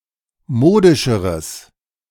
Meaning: strong/mixed nominative/accusative neuter singular comparative degree of modisch
- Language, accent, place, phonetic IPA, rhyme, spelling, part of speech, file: German, Germany, Berlin, [ˈmoːdɪʃəʁəs], -oːdɪʃəʁəs, modischeres, adjective, De-modischeres.ogg